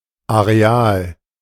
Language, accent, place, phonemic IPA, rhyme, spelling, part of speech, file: German, Germany, Berlin, /aʁeˈaːl/, -aːl, Areal, noun, De-Areal.ogg
- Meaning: area, plot (pocket of land)